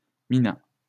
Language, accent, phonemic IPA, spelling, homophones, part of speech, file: French, France, /mi.na/, mina, minas / minât, verb, LL-Q150 (fra)-mina.wav
- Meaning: third-person singular past historic of miner